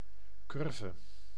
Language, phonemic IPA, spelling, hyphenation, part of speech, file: Dutch, /ˈkʏr.və/, curve, cur‧ve, noun, Nl-curve.ogg
- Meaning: curve: curved line